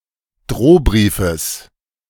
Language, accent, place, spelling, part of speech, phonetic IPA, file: German, Germany, Berlin, Drohbriefes, noun, [ˈdʁoːˌbʁiːfəs], De-Drohbriefes.ogg
- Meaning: genitive of Drohbrief